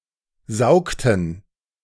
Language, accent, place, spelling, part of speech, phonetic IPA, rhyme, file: German, Germany, Berlin, saugten, verb, [ˈzaʊ̯ktn̩], -aʊ̯ktn̩, De-saugten.ogg
- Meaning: inflection of saugen: 1. first/third-person plural preterite 2. first/third-person plural subjunctive II